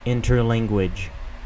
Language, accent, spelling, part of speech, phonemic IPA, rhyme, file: English, US, interlanguage, noun, /ɪnˈtɜɹˈlæŋɡwɪd͡ʒ/, -æŋɡwɪdʒ, En-us-interlanguage.ogg
- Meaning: A language generated by a student of a foreign language that incorporates aspects of their native language and the target language